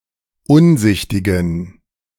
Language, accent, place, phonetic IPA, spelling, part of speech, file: German, Germany, Berlin, [ˈʊnˌzɪçtɪɡn̩], unsichtigen, adjective, De-unsichtigen.ogg
- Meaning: inflection of unsichtig: 1. strong genitive masculine/neuter singular 2. weak/mixed genitive/dative all-gender singular 3. strong/weak/mixed accusative masculine singular 4. strong dative plural